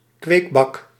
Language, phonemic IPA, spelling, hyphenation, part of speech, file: Dutch, /ˈkʋeːk.bɑk/, kweekbak, kweek‧bak, noun, Nl-kweekbak.ogg
- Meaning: 1. a rectangular container with one or more lids on the top containing windows, used in growing plants 2. any container with translucent elements used in the cultivation of plants